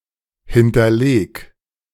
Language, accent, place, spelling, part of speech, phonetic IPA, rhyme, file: German, Germany, Berlin, hinterleg, verb, [ˌhɪntɐˈleːk], -eːk, De-hinterleg.ogg
- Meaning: 1. singular imperative of hinterlegen 2. first-person singular present of hinterlegen